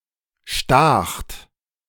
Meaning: second-person plural preterite of stechen
- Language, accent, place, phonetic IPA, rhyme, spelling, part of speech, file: German, Germany, Berlin, [ʃtaːxt], -aːxt, stacht, verb, De-stacht.ogg